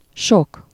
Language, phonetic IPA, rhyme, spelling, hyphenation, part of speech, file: Hungarian, [ˈʃok], -ok, sok, sok, adjective, Hu-sok.ogg
- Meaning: 1. much, many 2. many/several people